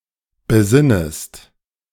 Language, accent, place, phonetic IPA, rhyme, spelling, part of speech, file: German, Germany, Berlin, [bəˈzɪnəst], -ɪnəst, besinnest, verb, De-besinnest.ogg
- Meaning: second-person singular subjunctive I of besinnen